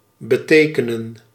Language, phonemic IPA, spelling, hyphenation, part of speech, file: Dutch, /bəˈteːkənə(n)/, betekenen, be‧te‧ke‧nen, verb, Nl-betekenen.ogg
- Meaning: to mean, to signify